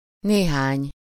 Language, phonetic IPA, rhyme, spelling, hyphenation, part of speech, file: Hungarian, [ˈneːɦaːɲ], -aːɲ, néhány, né‧hány, determiner / pronoun, Hu-néhány.ogg
- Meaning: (determiner) some, a few, several; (pronoun) some (of us / you / them) (used as a pronoun only with a plural possessive suffix, see below)